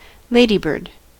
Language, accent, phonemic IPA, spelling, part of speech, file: English, US, /ˈleɪ.di.bɝd/, ladybird, noun, En-us-ladybird.ogg
- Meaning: Any of the Coccinellidae family of beetles, typically having a round shape and red or yellow spotted elytra